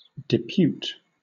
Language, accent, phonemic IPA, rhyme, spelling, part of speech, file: English, Southern England, /dɪˈpjuːt/, -uːt, depute, verb, LL-Q1860 (eng)-depute.wav
- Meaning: 1. To assign (someone or something) to or for something 2. To delegate (a task, etc.) to a subordinate 3. To deputize (someone), to appoint as deputy 4. To appoint; to assign; to choose